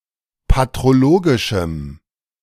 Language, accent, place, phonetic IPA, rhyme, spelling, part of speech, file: German, Germany, Berlin, [patʁoˈloːɡɪʃm̩], -oːɡɪʃm̩, patrologischem, adjective, De-patrologischem.ogg
- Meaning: strong dative masculine/neuter singular of patrologisch